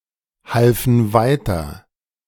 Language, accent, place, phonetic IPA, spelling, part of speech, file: German, Germany, Berlin, [ˌhalfn̩ ˈvaɪ̯tɐ], halfen weiter, verb, De-halfen weiter.ogg
- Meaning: first/third-person plural preterite of weiterhelfen